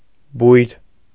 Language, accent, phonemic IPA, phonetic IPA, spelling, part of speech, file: Armenian, Eastern Armenian, /bujɾ/, [bujɾ], բույր, noun, Hy-բույր.ogg
- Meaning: aroma, fragrance, pleasant smell